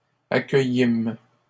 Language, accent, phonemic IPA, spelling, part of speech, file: French, Canada, /a.kœ.jim/, accueillîmes, verb, LL-Q150 (fra)-accueillîmes.wav
- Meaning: first-person plural past historic of accueillir